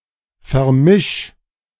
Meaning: 1. singular imperative of vermischen 2. first-person singular present of vermischen
- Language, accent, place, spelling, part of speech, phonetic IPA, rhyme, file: German, Germany, Berlin, vermisch, verb, [fɛɐ̯ˈmɪʃ], -ɪʃ, De-vermisch.ogg